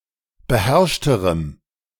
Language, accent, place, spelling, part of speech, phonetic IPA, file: German, Germany, Berlin, beherrschterem, adjective, [bəˈhɛʁʃtəʁəm], De-beherrschterem.ogg
- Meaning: strong dative masculine/neuter singular comparative degree of beherrscht